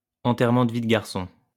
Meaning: bachelor party
- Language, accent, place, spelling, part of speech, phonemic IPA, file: French, France, Lyon, enterrement de vie de garçon, noun, /ɑ̃.tɛʁ.mɑ̃ d(ə) vi d(ə) ɡaʁ.sɔ̃/, LL-Q150 (fra)-enterrement de vie de garçon.wav